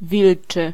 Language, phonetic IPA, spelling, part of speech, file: Polish, [ˈvʲilt͡ʃɨ], wilczy, adjective, Pl-wilczy.ogg